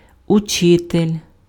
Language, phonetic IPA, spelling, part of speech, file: Ukrainian, [ʊˈt͡ʃɪtelʲ], учитель, noun, Uk-учитель.ogg
- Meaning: teacher, instructor